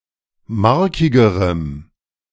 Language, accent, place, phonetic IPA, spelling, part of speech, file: German, Germany, Berlin, [ˈmaʁkɪɡəʁəm], markigerem, adjective, De-markigerem.ogg
- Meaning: strong dative masculine/neuter singular comparative degree of markig